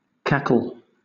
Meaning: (noun) 1. The cry of a hen or goose, especially when laying an egg 2. A laugh resembling the cry of a hen or goose 3. Futile or excessively noisy talk 4. A group of hyenas
- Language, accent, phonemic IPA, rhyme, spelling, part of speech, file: English, Southern England, /ˈkækəl/, -ækəl, cackle, noun / verb, LL-Q1860 (eng)-cackle.wav